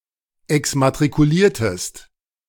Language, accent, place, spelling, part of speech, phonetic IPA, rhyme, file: German, Germany, Berlin, exmatrikuliertest, verb, [ɛksmatʁikuˈliːɐ̯təst], -iːɐ̯təst, De-exmatrikuliertest.ogg
- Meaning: inflection of exmatrikulieren: 1. second-person singular preterite 2. second-person singular subjunctive II